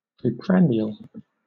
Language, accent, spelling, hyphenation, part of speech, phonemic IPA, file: English, Southern England, preprandial, pre‧prand‧ial, adjective / noun, /pɹiːˈpɹæn.dɪ.əl/, LL-Q1860 (eng)-preprandial.wav
- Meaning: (adjective) Occurring before a meal, especially dinner; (noun) A predinner drink; an apéritif